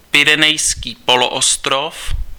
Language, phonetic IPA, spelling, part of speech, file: Czech, [pɪrɛnɛjskiː poloostrof], Pyrenejský poloostrov, proper noun, Cs-Pyrenejský poloostrov.ogg
- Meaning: Iberian Peninsula